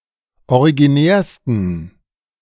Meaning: 1. superlative degree of originär 2. inflection of originär: strong genitive masculine/neuter singular superlative degree
- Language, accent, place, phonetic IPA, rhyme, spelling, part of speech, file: German, Germany, Berlin, [oʁiɡiˈnɛːɐ̯stn̩], -ɛːɐ̯stn̩, originärsten, adjective, De-originärsten.ogg